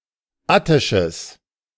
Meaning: strong/mixed nominative/accusative neuter singular of attisch
- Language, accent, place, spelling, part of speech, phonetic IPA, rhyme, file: German, Germany, Berlin, attisches, adjective, [ˈatɪʃəs], -atɪʃəs, De-attisches.ogg